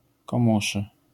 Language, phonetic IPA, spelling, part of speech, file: Polish, [kɔ̃ˈmuʃɨ], komuszy, adjective, LL-Q809 (pol)-komuszy.wav